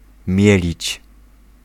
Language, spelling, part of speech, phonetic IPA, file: Polish, mielić, verb, [ˈmʲjɛlʲit͡ɕ], Pl-mielić.ogg